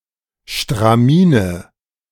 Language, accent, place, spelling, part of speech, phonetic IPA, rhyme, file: German, Germany, Berlin, Stramine, noun, [ʃtʁaˈmiːnə], -iːnə, De-Stramine.ogg
- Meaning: nominative/accusative/genitive plural of Stramin